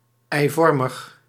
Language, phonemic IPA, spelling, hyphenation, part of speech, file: Dutch, /ˌɛi̯ˈvɔr.məx/, eivormig, ei‧vor‧mig, adjective, Nl-eivormig.ogg
- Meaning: egg-shaped